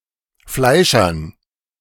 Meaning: dative plural of Fleischer
- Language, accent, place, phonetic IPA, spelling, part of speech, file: German, Germany, Berlin, [ˈflaɪ̯ʃɐn], Fleischern, noun, De-Fleischern.ogg